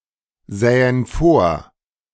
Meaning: first-person plural subjunctive II of vorsehen
- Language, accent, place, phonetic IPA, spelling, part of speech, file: German, Germany, Berlin, [ˌzɛːən ˈfoːɐ̯], sähen vor, verb, De-sähen vor.ogg